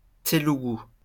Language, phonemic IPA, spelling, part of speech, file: French, /te.lu.ɡu/, télougou, noun / adjective, LL-Q150 (fra)-télougou.wav
- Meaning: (noun) Telugu (language); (adjective) Telugu